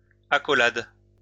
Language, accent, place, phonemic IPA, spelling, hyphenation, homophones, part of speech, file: French, France, Lyon, /a.kɔ.lad/, accolades, a‧cco‧lades, accolade, noun, LL-Q150 (fra)-accolades.wav
- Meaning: plural of accolade